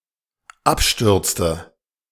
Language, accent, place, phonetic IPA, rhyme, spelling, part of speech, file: German, Germany, Berlin, [ˈapˌʃtʏʁt͡stə], -apʃtʏʁt͡stə, abstürzte, verb, De-abstürzte.ogg
- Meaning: inflection of abstürzen: 1. first/third-person singular dependent preterite 2. first/third-person singular dependent subjunctive II